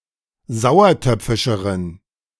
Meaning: inflection of sauertöpfisch: 1. strong genitive masculine/neuter singular comparative degree 2. weak/mixed genitive/dative all-gender singular comparative degree
- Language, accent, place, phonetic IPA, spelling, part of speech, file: German, Germany, Berlin, [ˈzaʊ̯ɐˌtœp͡fɪʃəʁən], sauertöpfischeren, adjective, De-sauertöpfischeren.ogg